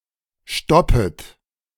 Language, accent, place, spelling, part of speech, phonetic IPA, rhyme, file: German, Germany, Berlin, stoppet, verb, [ˈʃtɔpət], -ɔpət, De-stoppet.ogg
- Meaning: second-person plural subjunctive I of stoppen